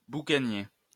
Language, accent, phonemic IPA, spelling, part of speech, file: French, France, /bu.ka.nje/, boucanier, noun, LL-Q150 (fra)-boucanier.wav
- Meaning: buccaneer